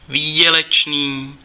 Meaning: profitable
- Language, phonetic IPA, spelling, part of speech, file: Czech, [ˈviːɟɛlɛt͡ʃniː], výdělečný, adjective, Cs-výdělečný.ogg